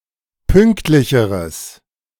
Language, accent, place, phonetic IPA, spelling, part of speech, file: German, Germany, Berlin, [ˈpʏŋktlɪçəʁəs], pünktlicheres, adjective, De-pünktlicheres.ogg
- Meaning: strong/mixed nominative/accusative neuter singular comparative degree of pünktlich